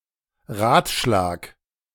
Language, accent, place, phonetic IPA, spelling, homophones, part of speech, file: German, Germany, Berlin, [ˈʁaːt.ˌʃlaːk], Radschlag, Ratschlag, noun, De-Radschlag.ogg
- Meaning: cartwheel